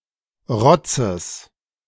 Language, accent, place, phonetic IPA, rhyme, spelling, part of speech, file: German, Germany, Berlin, [ˈʁɔt͡səs], -ɔt͡səs, Rotzes, noun, De-Rotzes.ogg
- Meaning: genitive singular of Rotz